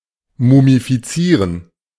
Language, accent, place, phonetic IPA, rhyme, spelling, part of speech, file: German, Germany, Berlin, [mumifiˈt͡siːʁən], -iːʁən, mumifizieren, verb, De-mumifizieren.ogg
- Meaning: to mummify